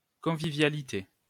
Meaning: 1. friendliness, conviviality 2. user-friendliness
- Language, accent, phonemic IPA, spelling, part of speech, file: French, France, /kɔ̃.vi.vja.li.te/, convivialité, noun, LL-Q150 (fra)-convivialité.wav